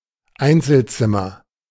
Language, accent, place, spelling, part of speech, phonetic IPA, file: German, Germany, Berlin, Einzelzimmer, noun, [ˈaɪ̯nt͡sl̩ˌt͡sɪmɐ], De-Einzelzimmer.ogg
- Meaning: single room